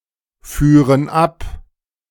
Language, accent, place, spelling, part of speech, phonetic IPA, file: German, Germany, Berlin, führen ab, verb, [ˌfyːʁən ˈap], De-führen ab.ogg
- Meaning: first/third-person plural subjunctive II of abfahren